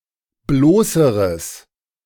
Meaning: strong/mixed nominative/accusative neuter singular comparative degree of bloß
- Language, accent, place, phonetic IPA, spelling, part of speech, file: German, Germany, Berlin, [ˈbloːsəʁəs], bloßeres, adjective, De-bloßeres.ogg